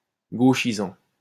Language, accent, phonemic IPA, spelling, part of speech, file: French, France, /ɡo.ʃi.zɑ̃/, gauchisant, verb / adjective, LL-Q150 (fra)-gauchisant.wav
- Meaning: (verb) present participle of gauchiser; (adjective) lefty, pinko (having left-wing politics)